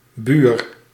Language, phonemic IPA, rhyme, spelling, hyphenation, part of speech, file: Dutch, /byːr/, -yr, buur, buur, noun, Nl-buur.ogg
- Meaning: neighbour